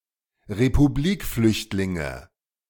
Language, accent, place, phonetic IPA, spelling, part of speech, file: German, Germany, Berlin, [ʁepuˈbliːkˌflʏçtlɪŋə], Republikflüchtlinge, noun, De-Republikflüchtlinge.ogg
- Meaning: nominative/accusative/genitive plural of Republikflüchtling